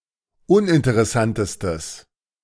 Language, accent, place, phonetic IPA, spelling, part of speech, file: German, Germany, Berlin, [ˈʊnʔɪntəʁɛˌsantəstəs], uninteressantestes, adjective, De-uninteressantestes.ogg
- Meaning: strong/mixed nominative/accusative neuter singular superlative degree of uninteressant